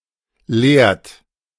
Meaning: inflection of lehren: 1. third-person singular present 2. second-person plural present 3. plural imperative
- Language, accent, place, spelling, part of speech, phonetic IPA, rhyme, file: German, Germany, Berlin, lehrt, verb, [leːɐ̯t], -eːɐ̯t, De-lehrt.ogg